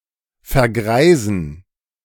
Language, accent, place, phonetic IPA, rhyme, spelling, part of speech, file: German, Germany, Berlin, [fɛɐ̯ˈɡʁaɪ̯zn̩], -aɪ̯zn̩, vergreisen, verb, De-vergreisen.ogg
- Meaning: to age (to become old)